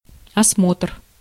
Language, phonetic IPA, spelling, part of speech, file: Russian, [ɐsˈmotr], осмотр, noun, Ru-осмотр.ogg
- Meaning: examination, inspection, (sightseeing) tour